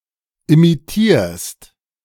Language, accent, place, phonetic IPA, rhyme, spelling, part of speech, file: German, Germany, Berlin, [imiˈtiːɐ̯st], -iːɐ̯st, imitierst, verb, De-imitierst.ogg
- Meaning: second-person singular present of imitieren